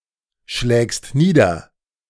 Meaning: second-person singular present of niederschlagen
- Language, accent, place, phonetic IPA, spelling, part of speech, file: German, Germany, Berlin, [ˌʃlɛːkst ˈniːdɐ], schlägst nieder, verb, De-schlägst nieder.ogg